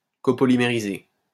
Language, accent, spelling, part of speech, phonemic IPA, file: French, France, copolymériser, verb, /ko.pɔ.li.me.ʁi.ze/, LL-Q150 (fra)-copolymériser.wav
- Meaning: to copolymerize